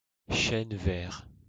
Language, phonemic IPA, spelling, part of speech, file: French, /ʃɛn vɛʁ/, chêne vert, noun, LL-Q150 (fra)-chêne vert.wav
- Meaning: holm oak (evergreen tree, Quercus ilex)